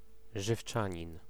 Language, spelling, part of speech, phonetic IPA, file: Polish, żywczanin, noun, [ʒɨfˈt͡ʃãɲĩn], Pl-żywczanin.ogg